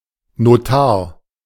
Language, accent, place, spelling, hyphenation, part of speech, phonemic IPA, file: German, Germany, Berlin, Notar, No‧tar, noun, /noˈtaːɐ̯/, De-Notar.ogg
- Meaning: notary public